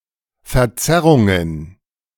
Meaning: plural of Verzerrung
- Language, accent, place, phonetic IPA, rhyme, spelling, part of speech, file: German, Germany, Berlin, [fɛɐ̯ˈt͡sɛʁʊŋən], -ɛʁʊŋən, Verzerrungen, noun, De-Verzerrungen.ogg